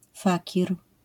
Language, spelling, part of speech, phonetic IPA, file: Polish, fakir, noun, [ˈfacir], LL-Q809 (pol)-fakir.wav